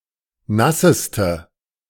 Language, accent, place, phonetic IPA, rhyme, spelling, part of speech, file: German, Germany, Berlin, [ˈnasəstə], -asəstə, nasseste, adjective, De-nasseste.ogg
- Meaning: inflection of nass: 1. strong/mixed nominative/accusative feminine singular superlative degree 2. strong nominative/accusative plural superlative degree